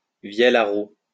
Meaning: hurdy-gurdy (stringed instrument)
- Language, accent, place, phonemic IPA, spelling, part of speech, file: French, France, Lyon, /vjɛl a ʁu/, vielle à roue, noun, LL-Q150 (fra)-vielle à roue.wav